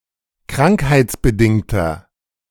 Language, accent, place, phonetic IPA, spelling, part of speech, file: German, Germany, Berlin, [ˈkʁaŋkhaɪ̯t͡sbəˌdɪŋtɐ], krankheitsbedingter, adjective, De-krankheitsbedingter.ogg
- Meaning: inflection of krankheitsbedingt: 1. strong/mixed nominative masculine singular 2. strong genitive/dative feminine singular 3. strong genitive plural